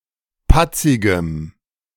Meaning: strong dative masculine/neuter singular of patzig
- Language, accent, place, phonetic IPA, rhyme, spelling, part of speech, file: German, Germany, Berlin, [ˈpat͡sɪɡəm], -at͡sɪɡəm, patzigem, adjective, De-patzigem.ogg